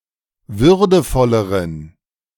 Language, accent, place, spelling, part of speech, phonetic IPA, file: German, Germany, Berlin, würdevolleren, adjective, [ˈvʏʁdəfɔləʁən], De-würdevolleren.ogg
- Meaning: inflection of würdevoll: 1. strong genitive masculine/neuter singular comparative degree 2. weak/mixed genitive/dative all-gender singular comparative degree